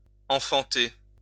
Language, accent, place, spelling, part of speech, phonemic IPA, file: French, France, Lyon, enfanter, verb, /ɑ̃.fɑ̃.te/, LL-Q150 (fra)-enfanter.wav
- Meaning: 1. to bear [a child], bring into the world 2. to give birth 3. to bear 4. to produce, reel off